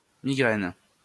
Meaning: migraine
- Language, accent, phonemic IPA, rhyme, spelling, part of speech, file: French, France, /mi.ɡʁɛn/, -ɛn, migraine, noun, LL-Q150 (fra)-migraine.wav